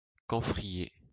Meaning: camphor tree
- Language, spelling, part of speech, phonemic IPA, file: French, camphrier, noun, /kɑ̃.fʁi.je/, LL-Q150 (fra)-camphrier.wav